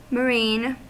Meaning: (adjective) Belonging to or characteristic of the sea; existing or found in the sea; formed or produced by the sea
- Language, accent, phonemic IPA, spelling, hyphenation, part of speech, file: English, US, /məˈɹiːn/, marine, ma‧rine, adjective / noun / verb, En-us-marine.ogg